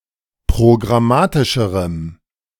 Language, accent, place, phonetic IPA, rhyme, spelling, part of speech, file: German, Germany, Berlin, [pʁoɡʁaˈmaːtɪʃəʁəm], -aːtɪʃəʁəm, programmatischerem, adjective, De-programmatischerem.ogg
- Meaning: strong dative masculine/neuter singular comparative degree of programmatisch